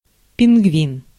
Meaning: 1. penguin 2. Pingvin (Soviet anti-zero-G suit)
- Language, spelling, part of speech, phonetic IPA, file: Russian, пингвин, noun, [pʲɪnɡˈvʲin], Ru-пингвин.ogg